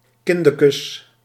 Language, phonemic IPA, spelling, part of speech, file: Dutch, /ˈkɪndəkəs/, kindekes, noun, Nl-kindekes.ogg
- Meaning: plural of kindeke